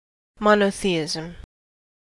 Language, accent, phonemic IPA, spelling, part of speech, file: English, US, /ˌmɑnoʊ̯ˈθiɪzm̩/, monotheism, noun, En-us-monotheism.ogg
- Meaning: 1. Belief in the One True God, defined by More as personal, immaterial and trinitarian 2. The belief in a single deity (one god or goddess); especially within an organized religion